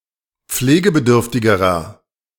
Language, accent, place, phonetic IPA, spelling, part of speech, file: German, Germany, Berlin, [ˈp͡fleːɡəbəˌdʏʁftɪɡəʁɐ], pflegebedürftigerer, adjective, De-pflegebedürftigerer.ogg
- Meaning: inflection of pflegebedürftig: 1. strong/mixed nominative masculine singular comparative degree 2. strong genitive/dative feminine singular comparative degree